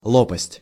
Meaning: 1. blade, propeller blade, swim fin blade 2. vane, fan
- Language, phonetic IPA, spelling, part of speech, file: Russian, [ˈɫopəsʲtʲ], лопасть, noun, Ru-лопасть.ogg